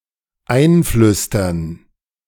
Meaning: 1. to whisper (something) in someone’s ear, to prompt 2. to insinuate, to suggest (especially something negative)
- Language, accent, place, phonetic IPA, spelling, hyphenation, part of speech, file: German, Germany, Berlin, [ˈaɪ̯nˌflʏstɐn], einflüstern, ein‧flüs‧tern, verb, De-einflüstern.ogg